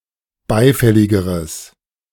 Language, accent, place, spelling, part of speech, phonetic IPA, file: German, Germany, Berlin, beifälligeres, adjective, [ˈbaɪ̯ˌfɛlɪɡəʁəs], De-beifälligeres.ogg
- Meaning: strong/mixed nominative/accusative neuter singular comparative degree of beifällig